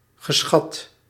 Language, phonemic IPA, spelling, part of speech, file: Dutch, /ɣəˈsxɑt/, geschat, verb / adjective, Nl-geschat.ogg
- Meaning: past participle of schatten